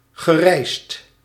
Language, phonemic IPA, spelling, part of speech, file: Dutch, /ɣəˈrɛist/, gereisd, verb, Nl-gereisd.ogg
- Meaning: past participle of reizen